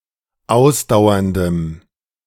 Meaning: strong dative masculine/neuter singular of ausdauernd
- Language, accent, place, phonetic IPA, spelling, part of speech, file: German, Germany, Berlin, [ˈaʊ̯sdaʊ̯ɐndəm], ausdauerndem, adjective, De-ausdauerndem.ogg